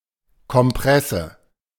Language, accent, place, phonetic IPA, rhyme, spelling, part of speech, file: German, Germany, Berlin, [kɔmˈpʁɛsə], -ɛsə, Kompresse, noun, De-Kompresse.ogg
- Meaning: compress